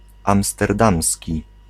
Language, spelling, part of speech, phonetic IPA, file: Polish, amsterdamski, adjective, [ˌãmstɛrˈdãmsʲci], Pl-amsterdamski.ogg